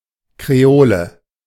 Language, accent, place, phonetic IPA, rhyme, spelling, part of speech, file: German, Germany, Berlin, [kʁeˈoːlə], -oːlə, Creole, noun, De-Creole.ogg
- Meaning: hoop earring